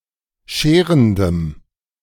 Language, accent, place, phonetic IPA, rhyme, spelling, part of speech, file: German, Germany, Berlin, [ˈʃeːʁəndəm], -eːʁəndəm, scherendem, adjective, De-scherendem.ogg
- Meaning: strong dative masculine/neuter singular of scherend